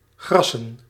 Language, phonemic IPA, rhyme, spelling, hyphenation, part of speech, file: Dutch, /ˈɣrɑsən/, -ɑsən, grassen, gras‧sen, noun, Nl-grassen.ogg
- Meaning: plural of gras